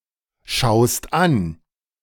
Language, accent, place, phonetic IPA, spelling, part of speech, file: German, Germany, Berlin, [ˌʃaʊ̯st ˈan], schaust an, verb, De-schaust an.ogg
- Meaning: second-person singular present of anschauen